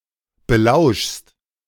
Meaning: second-person singular present of belauschen
- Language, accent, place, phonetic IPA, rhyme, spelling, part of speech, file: German, Germany, Berlin, [bəˈlaʊ̯ʃst], -aʊ̯ʃst, belauschst, verb, De-belauschst.ogg